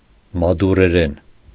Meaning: Madurese
- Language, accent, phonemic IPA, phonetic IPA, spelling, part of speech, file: Armenian, Eastern Armenian, /mɑduɾeˈɾen/, [mɑduɾeɾén], մադուրերեն, noun, Hy-մադուրերեն.ogg